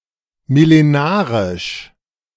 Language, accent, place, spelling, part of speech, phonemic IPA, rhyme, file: German, Germany, Berlin, millenarisch, adjective, /mɪleˈnaːʁɪʃ/, -aːʁɪʃ, De-millenarisch.ogg
- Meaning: millenarian